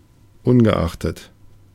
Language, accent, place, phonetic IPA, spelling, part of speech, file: German, Germany, Berlin, [ˈʊnɡəˌʔaxtət], ungeachtet, conjunction / postposition, De-ungeachtet.ogg
- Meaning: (preposition) regardless of, notwithstanding; irrespective of; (conjunction) regardless of the fact that; despite the fact that; although